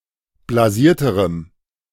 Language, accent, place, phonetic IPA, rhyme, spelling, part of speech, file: German, Germany, Berlin, [blaˈziːɐ̯təʁəm], -iːɐ̯təʁəm, blasierterem, adjective, De-blasierterem.ogg
- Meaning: strong dative masculine/neuter singular comparative degree of blasiert